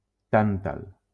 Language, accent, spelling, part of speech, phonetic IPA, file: Catalan, Valencia, tàntal, noun, [ˈtan.tal], LL-Q7026 (cat)-tàntal.wav
- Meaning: 1. tantalum 2. a stork of the genus Mycteria